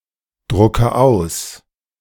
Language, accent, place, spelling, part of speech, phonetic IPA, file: German, Germany, Berlin, drucke aus, verb, [ˌdʁʊkə ˈaʊ̯s], De-drucke aus.ogg
- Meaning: inflection of ausdrucken: 1. first-person singular present 2. first/third-person singular subjunctive I 3. singular imperative